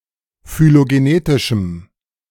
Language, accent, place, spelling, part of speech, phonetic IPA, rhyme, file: German, Germany, Berlin, phylogenetischem, adjective, [fyloɡeˈneːtɪʃm̩], -eːtɪʃm̩, De-phylogenetischem.ogg
- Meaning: strong dative masculine/neuter singular of phylogenetisch